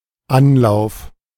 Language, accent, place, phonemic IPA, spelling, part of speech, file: German, Germany, Berlin, /ˈanlaʊ̯f/, Anlauf, noun, De-Anlauf.ogg
- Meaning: 1. attempt, try 2. run-up (used with nehmen) 3. tarnish